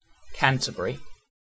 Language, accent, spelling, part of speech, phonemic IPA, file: English, UK, Canterbury, proper noun, /ˈkæntəb(ə)ɹɪ/, En-uk-Canterbury.ogg
- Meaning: A cathedral city in Kent, England (OS grid ref TR1457)